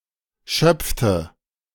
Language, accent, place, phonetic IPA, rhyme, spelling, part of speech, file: German, Germany, Berlin, [ˈʃœp͡ftə], -œp͡ftə, schöpfte, verb, De-schöpfte.ogg
- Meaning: inflection of schöpfen: 1. first/third-person singular preterite 2. first/third-person singular subjunctive II